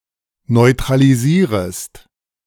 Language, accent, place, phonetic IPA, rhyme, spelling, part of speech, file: German, Germany, Berlin, [nɔɪ̯tʁaliˈziːʁəst], -iːʁəst, neutralisierest, verb, De-neutralisierest.ogg
- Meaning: second-person singular subjunctive I of neutralisieren